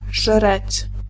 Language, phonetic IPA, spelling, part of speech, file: Polish, [ʒrɛt͡ɕ], żreć, verb, Pl-żreć.ogg